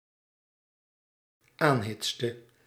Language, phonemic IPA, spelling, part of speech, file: Dutch, /ˈanhɪtstə/, aanhitste, verb, Nl-aanhitste.ogg
- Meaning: inflection of aanhitsen: 1. singular dependent-clause past indicative 2. singular dependent-clause past subjunctive